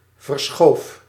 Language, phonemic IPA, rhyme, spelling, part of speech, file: Dutch, /vərˈsxoːf/, -oːf, verschoof, verb, Nl-verschoof.ogg
- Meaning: singular past indicative of verschuiven